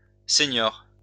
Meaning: 1. senior (older player) 2. elderly person
- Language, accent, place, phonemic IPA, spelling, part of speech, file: French, France, Lyon, /se.njɔʁ/, senior, noun, LL-Q150 (fra)-senior.wav